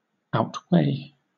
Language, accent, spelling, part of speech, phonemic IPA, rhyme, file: English, Southern England, outweigh, verb, /ˌaʊtˈweɪ/, -eɪ, LL-Q1860 (eng)-outweigh.wav
- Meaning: 1. To exceed in weight or mass 2. To exceed in importance or value